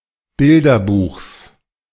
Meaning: genitive of Bilderbuch
- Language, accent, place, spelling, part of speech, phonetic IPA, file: German, Germany, Berlin, Bilderbuchs, noun, [ˈbɪldɐˌbuːxs], De-Bilderbuchs.ogg